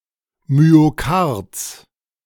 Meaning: genitive singular of Myokard
- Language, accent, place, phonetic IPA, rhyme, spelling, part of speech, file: German, Germany, Berlin, [myoˈkaʁt͡s], -aʁt͡s, Myokards, noun, De-Myokards.ogg